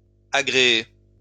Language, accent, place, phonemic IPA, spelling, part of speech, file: French, France, Lyon, /a.ɡʁe.e/, agréé, verb / adjective, LL-Q150 (fra)-agréé.wav
- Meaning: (verb) past participle of agréer; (adjective) certified